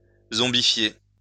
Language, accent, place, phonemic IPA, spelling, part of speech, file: French, France, Lyon, /zɔ̃.bi.fje/, zombifier, verb, LL-Q150 (fra)-zombifier.wav
- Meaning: to zombify